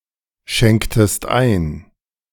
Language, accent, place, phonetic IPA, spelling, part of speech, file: German, Germany, Berlin, [ˌʃɛŋktəst ˈaɪ̯n], schenktest ein, verb, De-schenktest ein.ogg
- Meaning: inflection of einschenken: 1. second-person singular preterite 2. second-person singular subjunctive II